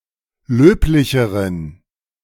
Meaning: inflection of löblich: 1. strong genitive masculine/neuter singular comparative degree 2. weak/mixed genitive/dative all-gender singular comparative degree
- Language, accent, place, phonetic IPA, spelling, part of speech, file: German, Germany, Berlin, [ˈløːplɪçəʁən], löblicheren, adjective, De-löblicheren.ogg